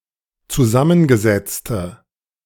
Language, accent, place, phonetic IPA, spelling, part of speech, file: German, Germany, Berlin, [t͡suˈzamənɡəˌzɛt͡stə], zusammengesetzte, adjective, De-zusammengesetzte.ogg
- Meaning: inflection of zusammengesetzt: 1. strong/mixed nominative/accusative feminine singular 2. strong nominative/accusative plural 3. weak nominative all-gender singular